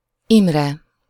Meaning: 1. a male given name, equivalent to German Emmerich or English Emery 2. a surname
- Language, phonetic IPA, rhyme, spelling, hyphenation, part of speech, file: Hungarian, [ˈimrɛ], -rɛ, Imre, Im‧re, proper noun, Hu-Imre.ogg